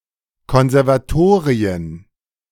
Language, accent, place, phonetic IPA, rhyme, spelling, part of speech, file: German, Germany, Berlin, [ˌkɔnzɛʁvaˈtoːʁiən], -oːʁiən, Konservatorien, noun, De-Konservatorien.ogg
- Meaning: plural of Konservatorium